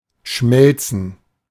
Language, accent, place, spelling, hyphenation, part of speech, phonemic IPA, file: German, Germany, Berlin, Schmelzen, Schmel‧zen, noun, /ˈʃmɛltsn̩/, De-Schmelzen.ogg
- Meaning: 1. melting 2. plural of Schmelze